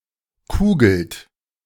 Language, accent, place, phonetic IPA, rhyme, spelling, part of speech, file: German, Germany, Berlin, [ˈkuːɡl̩t], -uːɡl̩t, kugelt, verb, De-kugelt.ogg
- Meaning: inflection of kugeln: 1. second-person plural present 2. third-person singular present 3. plural imperative